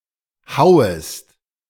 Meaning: second-person singular subjunctive I of hauen
- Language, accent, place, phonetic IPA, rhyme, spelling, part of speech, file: German, Germany, Berlin, [ˈhaʊ̯əst], -aʊ̯əst, hauest, verb, De-hauest.ogg